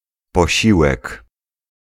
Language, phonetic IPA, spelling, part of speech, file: Polish, [pɔˈɕiwɛk], posiłek, noun, Pl-posiłek.ogg